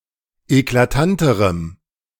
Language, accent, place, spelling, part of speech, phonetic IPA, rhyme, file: German, Germany, Berlin, eklatanterem, adjective, [eklaˈtantəʁəm], -antəʁəm, De-eklatanterem.ogg
- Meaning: strong dative masculine/neuter singular comparative degree of eklatant